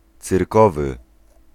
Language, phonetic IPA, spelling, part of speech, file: Polish, [t͡sɨrˈkɔvɨ], cyrkowy, adjective, Pl-cyrkowy.ogg